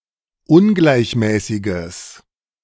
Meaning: strong/mixed nominative/accusative neuter singular of ungleichmäßig
- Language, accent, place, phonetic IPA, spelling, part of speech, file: German, Germany, Berlin, [ˈʊnɡlaɪ̯çˌmɛːsɪɡəs], ungleichmäßiges, adjective, De-ungleichmäßiges.ogg